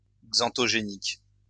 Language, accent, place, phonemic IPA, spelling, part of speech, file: French, France, Lyon, /ɡzɑ̃.tɔ.ʒe.nik/, xanthogénique, adjective, LL-Q150 (fra)-xanthogénique.wav
- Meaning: xanthogenic